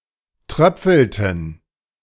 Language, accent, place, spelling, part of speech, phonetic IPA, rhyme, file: German, Germany, Berlin, tröpfelten, verb, [ˈtʁœp͡fl̩tn̩], -œp͡fl̩tn̩, De-tröpfelten.ogg
- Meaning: inflection of tröpfeln: 1. first/third-person plural preterite 2. first/third-person plural subjunctive II